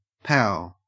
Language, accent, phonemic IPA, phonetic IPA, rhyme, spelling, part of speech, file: English, Australia, /paʊ/, [pəʉ], -aʊ, pow, interjection / noun, En-au-pow.ogg
- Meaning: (interjection) 1. The sound of a violent impact, such as a punch 2. The sound of an explosion or gunshot; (noun) 1. The sound of a violent impact 2. The sound of an explosion